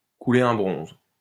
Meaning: to defecate
- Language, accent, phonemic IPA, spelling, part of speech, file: French, France, /ku.le.ʁ‿œ̃ bʁɔ̃z/, couler un bronze, verb, LL-Q150 (fra)-couler un bronze.wav